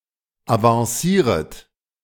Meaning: second-person plural subjunctive I of avancieren
- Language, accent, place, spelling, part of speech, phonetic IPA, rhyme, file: German, Germany, Berlin, avancieret, verb, [avɑ̃ˈsiːʁət], -iːʁət, De-avancieret.ogg